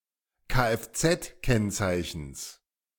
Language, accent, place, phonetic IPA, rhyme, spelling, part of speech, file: German, Germany, Berlin, [kaʔɛfˌt͡sɛtˈkɛnt͡saɪ̯çn̩s], -ɛnt͡saɪ̯çn̩s, Kfz-Kennzeichens, noun, De-Kfz-Kennzeichens.ogg
- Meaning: genitive singular of Kfz-Kennzeichen